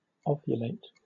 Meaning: To produce eggs or ova
- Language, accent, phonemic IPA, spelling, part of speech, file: English, Southern England, /ˈɒvjʊleɪt/, ovulate, verb, LL-Q1860 (eng)-ovulate.wav